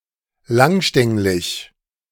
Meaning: alternative form of langstängelig
- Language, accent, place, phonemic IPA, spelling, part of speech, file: German, Germany, Berlin, /ˈlaŋˌʃtɛŋlɪç/, langstänglig, adjective, De-langstänglig.ogg